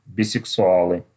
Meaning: nominative plural of бисексуа́л (bisɛksuál)
- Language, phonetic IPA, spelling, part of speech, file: Russian, [bʲɪsɨksʊˈaɫɨ], бисексуалы, noun, Ru-бисексуалы.ogg